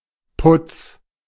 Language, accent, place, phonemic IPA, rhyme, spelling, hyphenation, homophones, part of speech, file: German, Germany, Berlin, /pʊt͡s/, -ʊt͡s, Putz, Putz, Putts, noun, De-Putz.ogg
- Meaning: 1. plaster, render applied to buildings (mixture for coating walls and ceilings) 2. one's groomed appearance, including jewelry and accessories 3. decoration, awards 4. cleaning